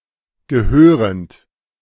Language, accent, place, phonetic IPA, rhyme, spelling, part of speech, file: German, Germany, Berlin, [ɡəˈhøːʁənt], -øːʁənt, gehörend, verb, De-gehörend.ogg
- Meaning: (verb) present participle of gehören; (adjective) pertaining, belonging, appertaining